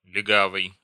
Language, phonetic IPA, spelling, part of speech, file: Russian, [lʲɪˈɡavɨj], легавый, adjective / noun, Ru-легавый.ogg
- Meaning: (adjective) pointer, setter (breed of dog); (noun) 1. pointer, setter (dog) 2. cop, copper (policeman)